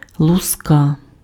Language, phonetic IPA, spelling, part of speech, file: Ukrainian, [ɫʊˈska], луска, noun, Uk-луска.ogg
- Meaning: scales (small, flat and hard pieces of keratin covering the skin of an animal, particularly a fish or reptile)